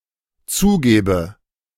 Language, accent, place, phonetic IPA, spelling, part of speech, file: German, Germany, Berlin, [ˈt͡suːˌɡeːbə], zugebe, verb, De-zugebe.ogg
- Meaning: inflection of zugeben: 1. first-person singular dependent present 2. first/third-person singular dependent subjunctive I